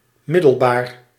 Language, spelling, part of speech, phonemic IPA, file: Dutch, middelbaar, adjective, /ˈmɪdəlˌbar/, Nl-middelbaar.ogg
- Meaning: 1. intermediate, middle 2. secondary